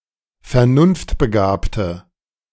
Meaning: inflection of vernunftbegabt: 1. strong/mixed nominative/accusative feminine singular 2. strong nominative/accusative plural 3. weak nominative all-gender singular
- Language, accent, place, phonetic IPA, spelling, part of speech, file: German, Germany, Berlin, [fɛɐ̯ˈnʊnftbəˌɡaːptə], vernunftbegabte, adjective, De-vernunftbegabte.ogg